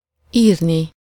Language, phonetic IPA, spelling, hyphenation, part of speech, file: Hungarian, [ˈiːrni], írni, ír‧ni, verb, Hu-írni.ogg
- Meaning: infinitive of ír